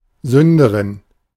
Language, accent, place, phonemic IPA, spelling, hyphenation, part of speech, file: German, Germany, Berlin, /ˈzʏndəʁɪn/, Sünderin, Sün‧de‧rin, noun, De-Sünderin.ogg
- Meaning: female equivalent of Sünder